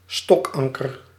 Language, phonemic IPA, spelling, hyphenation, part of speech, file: Dutch, /ˈstɔkˌɑŋ.kər/, stokanker, stok‧an‧ker, noun, Nl-stokanker.ogg
- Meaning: stock anchor, stocked anchor (anchor with a stock)